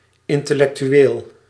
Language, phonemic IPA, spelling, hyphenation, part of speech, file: Dutch, /ˌɪntɛlɛktyˈwel/, intellectueel, in‧tel‧lec‧tu‧eel, noun / adjective, Nl-intellectueel.ogg
- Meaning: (adjective) intellectual; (noun) an intellectual